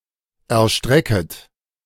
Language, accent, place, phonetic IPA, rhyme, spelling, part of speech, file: German, Germany, Berlin, [ɛɐ̯ˈʃtʁɛkət], -ɛkət, erstrecket, verb, De-erstrecket.ogg
- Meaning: second-person plural subjunctive I of erstrecken